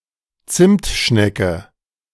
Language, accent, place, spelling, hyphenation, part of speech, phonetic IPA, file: German, Germany, Berlin, Zimtschnecke, Zimt‧schne‧cke, noun, [ˈt͡sɪmtˌʃnɛkə], De-Zimtschnecke.ogg
- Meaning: a cinnamon roll; a rolled yeast pastry that is filled with cinnamon and sugar